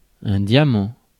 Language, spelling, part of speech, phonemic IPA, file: French, diamant, noun, /dja.mɑ̃/, Fr-diamant.ogg
- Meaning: 1. diamond (gem) 2. diamond (shape) 3. needle (of a record player) 4. excelsior (a small size of type, standardized as 3 point)